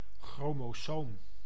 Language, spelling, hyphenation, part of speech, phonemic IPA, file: Dutch, chromosoom, chro‧mo‧soom, noun, /ˌxroː.moːˈsoːm/, Nl-chromosoom.ogg
- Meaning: chromosome, structure in the cell nucleus containing genes